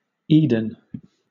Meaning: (proper noun) 1. A garden built by God as the home for Adam and Eve; sometimes identified as part of Mesopotamia 2. An English surname, probably derived from a place name
- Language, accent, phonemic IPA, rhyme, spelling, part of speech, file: English, Southern England, /ˈiːdən/, -iːdən, Eden, proper noun / noun, LL-Q1860 (eng)-Eden.wav